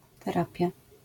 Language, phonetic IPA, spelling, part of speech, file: Polish, [tɛˈrapʲja], terapia, noun, LL-Q809 (pol)-terapia.wav